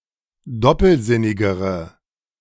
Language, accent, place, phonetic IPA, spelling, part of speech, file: German, Germany, Berlin, [ˈdɔpl̩ˌzɪnɪɡəʁə], doppelsinnigere, adjective, De-doppelsinnigere.ogg
- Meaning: inflection of doppelsinnig: 1. strong/mixed nominative/accusative feminine singular comparative degree 2. strong nominative/accusative plural comparative degree